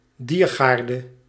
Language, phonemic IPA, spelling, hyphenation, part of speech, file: Dutch, /ˈdiːrˌɣaːr.də/, diergaarde, dier‧gaar‧de, noun, Nl-diergaarde.ogg
- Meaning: zoo